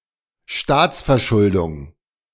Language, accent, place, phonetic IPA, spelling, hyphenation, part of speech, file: German, Germany, Berlin, [ˈʃtaːt͡sfɛɐ̯ˌʃʊldʊŋ], Staatsverschuldung, Staats‧ver‧schul‧dung, noun, De-Staatsverschuldung.ogg
- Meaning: national debt, government debt